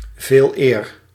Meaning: rather
- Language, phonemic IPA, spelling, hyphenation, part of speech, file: Dutch, /ˈveːl.eːr/, veeleer, veel‧eer, adverb, Nl-veeleer.ogg